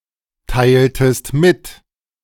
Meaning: inflection of mitteilen: 1. second-person singular preterite 2. second-person singular subjunctive II
- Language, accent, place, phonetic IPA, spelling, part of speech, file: German, Germany, Berlin, [ˌtaɪ̯ltəst ˈmɪt], teiltest mit, verb, De-teiltest mit.ogg